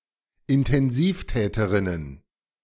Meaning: plural of Intensivtäterin
- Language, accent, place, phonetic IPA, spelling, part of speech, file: German, Germany, Berlin, [ɪntɛnˈziːfˌtɛːtəʁɪnən], Intensivtäterinnen, noun, De-Intensivtäterinnen.ogg